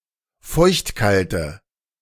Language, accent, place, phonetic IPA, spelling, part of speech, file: German, Germany, Berlin, [ˈfɔɪ̯çtˌkaltə], feuchtkalte, adjective, De-feuchtkalte.ogg
- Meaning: inflection of feuchtkalt: 1. strong/mixed nominative/accusative feminine singular 2. strong nominative/accusative plural 3. weak nominative all-gender singular